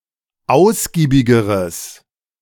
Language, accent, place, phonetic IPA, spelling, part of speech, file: German, Germany, Berlin, [ˈaʊ̯sɡiːbɪɡəʁəs], ausgiebigeres, adjective, De-ausgiebigeres.ogg
- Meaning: strong/mixed nominative/accusative neuter singular comparative degree of ausgiebig